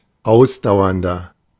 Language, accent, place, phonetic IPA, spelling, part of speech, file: German, Germany, Berlin, [ˈaʊ̯sdaʊ̯ɐndɐ], ausdauernder, adjective, De-ausdauernder.ogg
- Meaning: 1. comparative degree of ausdauernd 2. inflection of ausdauernd: strong/mixed nominative masculine singular 3. inflection of ausdauernd: strong genitive/dative feminine singular